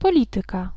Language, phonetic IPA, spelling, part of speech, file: Polish, [pɔˈlʲitɨka], polityka, noun, Pl-polityka.ogg